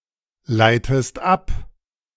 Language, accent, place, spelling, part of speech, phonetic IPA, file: German, Germany, Berlin, leitest ab, verb, [ˌlaɪ̯təst ˈap], De-leitest ab.ogg
- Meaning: inflection of ableiten: 1. second-person singular present 2. second-person singular subjunctive I